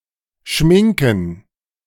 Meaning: 1. to put on (make-up, lipstick, etc.), to make up one's face 2. to put on facepaint (e.g. as part of a costume, sometimes also applied to other parts of the body)
- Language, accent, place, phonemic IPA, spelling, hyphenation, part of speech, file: German, Germany, Berlin, /ˈʃmɪŋkən/, schminken, schmin‧ken, verb, De-schminken.ogg